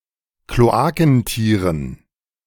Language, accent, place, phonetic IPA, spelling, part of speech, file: German, Germany, Berlin, [kloˈaːkn̩ˌtiːʁən], Kloakentieren, noun, De-Kloakentieren.ogg
- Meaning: dative plural of Kloakentier